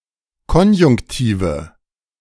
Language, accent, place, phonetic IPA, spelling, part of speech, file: German, Germany, Berlin, [ˈkɔnjʊŋktiːvə], Konjunktive, noun, De-Konjunktive.ogg
- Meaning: nominative/accusative/genitive plural of Konjunktiv